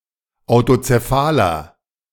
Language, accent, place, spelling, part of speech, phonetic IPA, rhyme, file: German, Germany, Berlin, autozephaler, adjective, [aʊ̯tot͡seˈfaːlɐ], -aːlɐ, De-autozephaler.ogg
- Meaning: inflection of autozephal: 1. strong/mixed nominative masculine singular 2. strong genitive/dative feminine singular 3. strong genitive plural